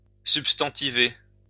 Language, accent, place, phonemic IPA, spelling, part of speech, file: French, France, Lyon, /syp.stɑ̃.ti.ve/, substantiver, verb, LL-Q150 (fra)-substantiver.wav
- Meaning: to substantivize, nominalize